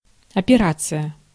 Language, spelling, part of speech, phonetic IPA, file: Russian, операция, noun, [ɐpʲɪˈrat͡sɨjə], Ru-операция.ogg
- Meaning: operation